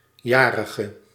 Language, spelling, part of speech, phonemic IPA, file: Dutch, jarige, noun / adjective, /ˈjaːrəɣə/, Nl-jarige.ogg
- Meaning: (noun) person whose birthday it is; birthday girl, birthday boy; birthday kid; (adjective) inflection of jarig: 1. masculine/feminine singular attributive 2. definite neuter singular attributive